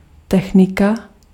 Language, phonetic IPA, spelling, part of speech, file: Czech, [ˈtɛxnɪka], technika, noun, Cs-technika.ogg
- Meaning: 1. technology (body of tools) 2. technique (way of accomplishing a task) 3. genitive/accusative singular of technik